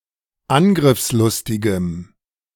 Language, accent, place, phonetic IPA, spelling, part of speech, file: German, Germany, Berlin, [ˈanɡʁɪfsˌlʊstɪɡəm], angriffslustigem, adjective, De-angriffslustigem.ogg
- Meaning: strong dative masculine/neuter singular of angriffslustig